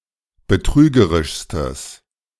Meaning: strong/mixed nominative/accusative neuter singular superlative degree of betrügerisch
- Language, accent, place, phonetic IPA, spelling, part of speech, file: German, Germany, Berlin, [bəˈtʁyːɡəʁɪʃstəs], betrügerischstes, adjective, De-betrügerischstes.ogg